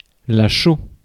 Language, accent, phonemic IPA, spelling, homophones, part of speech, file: French, France, /ʃo/, chaux, chaud / chauds / chaut / cheau / cheaus / cheaux / Chooz / show / shows, noun, Fr-chaux.ogg
- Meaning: lime, limestone